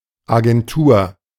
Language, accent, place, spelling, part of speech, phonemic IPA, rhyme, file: German, Germany, Berlin, Agentur, noun, /aɡɛnˈtuːɐ̯/, -uːɐ̯, De-Agentur.ogg
- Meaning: agency